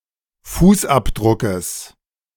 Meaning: genitive singular of Fußabdruck
- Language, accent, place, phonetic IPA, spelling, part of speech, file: German, Germany, Berlin, [ˈfuːsˌʔapdʁʊkəs], Fußabdruckes, noun, De-Fußabdruckes.ogg